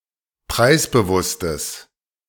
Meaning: strong/mixed nominative/accusative neuter singular of preisbewusst
- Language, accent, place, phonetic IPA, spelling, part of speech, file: German, Germany, Berlin, [ˈpʁaɪ̯sbəˌvʊstəs], preisbewusstes, adjective, De-preisbewusstes.ogg